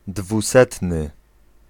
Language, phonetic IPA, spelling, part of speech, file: Polish, [dvuˈsɛtnɨ], dwusetny, adjective, Pl-dwusetny.ogg